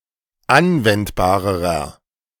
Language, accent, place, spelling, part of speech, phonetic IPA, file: German, Germany, Berlin, anwendbarerer, adjective, [ˈanvɛntbaːʁəʁɐ], De-anwendbarerer.ogg
- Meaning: inflection of anwendbar: 1. strong/mixed nominative masculine singular comparative degree 2. strong genitive/dative feminine singular comparative degree 3. strong genitive plural comparative degree